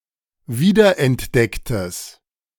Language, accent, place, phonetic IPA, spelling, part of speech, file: German, Germany, Berlin, [ˈviːdɐʔɛntˌdɛktəs], wiederentdecktes, adjective, De-wiederentdecktes.ogg
- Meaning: strong/mixed nominative/accusative neuter singular of wiederentdeckt